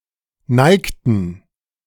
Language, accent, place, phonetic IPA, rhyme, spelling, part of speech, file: German, Germany, Berlin, [ˈnaɪ̯ktn̩], -aɪ̯ktn̩, neigten, verb, De-neigten.ogg
- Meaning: inflection of neigen: 1. first/third-person plural preterite 2. first/third-person plural subjunctive II